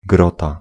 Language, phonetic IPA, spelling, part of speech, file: Polish, [ˈɡrɔta], grota, noun, Pl-grota.ogg